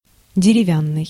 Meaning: 1. wood; wooden 2. woody, ligneous
- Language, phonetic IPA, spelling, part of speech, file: Russian, [dʲɪrʲɪˈvʲanːɨj], деревянный, adjective, Ru-деревянный.ogg